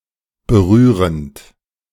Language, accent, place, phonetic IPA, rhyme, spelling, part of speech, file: German, Germany, Berlin, [bəˈʁyːʁənt], -yːʁənt, berührend, verb, De-berührend.ogg
- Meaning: present participle of berühren